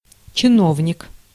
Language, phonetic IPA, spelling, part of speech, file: Russian, [t͡ɕɪˈnovnʲɪk], чиновник, noun, Ru-чиновник.ogg
- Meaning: 1. official, functionary, bureaucrat 2. book on episcopal missals